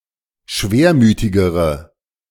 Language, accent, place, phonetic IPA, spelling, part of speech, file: German, Germany, Berlin, [ˈʃveːɐ̯ˌmyːtɪɡəʁə], schwermütigere, adjective, De-schwermütigere.ogg
- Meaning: inflection of schwermütig: 1. strong/mixed nominative/accusative feminine singular comparative degree 2. strong nominative/accusative plural comparative degree